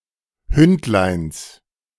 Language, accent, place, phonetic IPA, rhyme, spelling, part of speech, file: German, Germany, Berlin, [ˈhʏntlaɪ̯ns], -ʏntlaɪ̯ns, Hündleins, noun, De-Hündleins.ogg
- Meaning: genitive singular of Hündlein